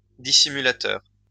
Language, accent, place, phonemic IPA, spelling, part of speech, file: French, France, Lyon, /di.si.my.la.tœʁ/, dissimulateur, adjective / noun, LL-Q150 (fra)-dissimulateur.wav
- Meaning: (adjective) dissembling; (noun) dissembler